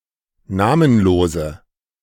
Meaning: inflection of namenlos: 1. strong/mixed nominative/accusative feminine singular 2. strong nominative/accusative plural 3. weak nominative all-gender singular
- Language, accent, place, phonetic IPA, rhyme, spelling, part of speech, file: German, Germany, Berlin, [ˈnaːmənˌloːzə], -aːmənloːzə, namenlose, adjective, De-namenlose.ogg